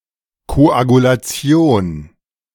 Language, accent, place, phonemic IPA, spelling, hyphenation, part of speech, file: German, Germany, Berlin, /ˌkoʔaɡulaˈt͡si̯oːn/, Koagulation, Ko‧agu‧la‧ti‧on, noun, De-Koagulation.ogg
- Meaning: coagulation